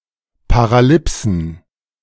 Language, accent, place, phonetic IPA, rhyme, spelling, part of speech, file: German, Germany, Berlin, [paʁaˈlɪpsn̩], -ɪpsn̩, Paralipsen, noun, De-Paralipsen.ogg
- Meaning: plural of Paralipse